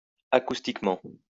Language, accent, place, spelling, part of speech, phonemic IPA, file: French, France, Lyon, acoustiquement, adverb, /a.kus.tik.mɑ̃/, LL-Q150 (fra)-acoustiquement.wav
- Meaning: acoustically